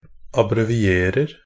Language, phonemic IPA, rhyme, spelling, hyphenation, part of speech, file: Norwegian Bokmål, /abrɛʋɪˈeːrər/, -ər, abbrevierer, ab‧bre‧vi‧er‧er, verb, NB - Pronunciation of Norwegian Bokmål «abbrevierer».ogg
- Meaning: present tense of abbreviere